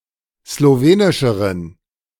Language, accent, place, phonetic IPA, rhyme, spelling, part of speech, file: German, Germany, Berlin, [sloˈveːnɪʃəʁən], -eːnɪʃəʁən, slowenischeren, adjective, De-slowenischeren.ogg
- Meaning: inflection of slowenisch: 1. strong genitive masculine/neuter singular comparative degree 2. weak/mixed genitive/dative all-gender singular comparative degree